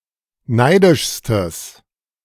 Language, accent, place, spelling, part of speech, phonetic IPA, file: German, Germany, Berlin, neidischstes, adjective, [ˈnaɪ̯dɪʃstəs], De-neidischstes.ogg
- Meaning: strong/mixed nominative/accusative neuter singular superlative degree of neidisch